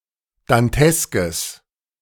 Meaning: strong/mixed nominative/accusative neuter singular of dantesk
- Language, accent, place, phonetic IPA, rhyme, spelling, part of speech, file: German, Germany, Berlin, [danˈtɛskəs], -ɛskəs, danteskes, adjective, De-danteskes.ogg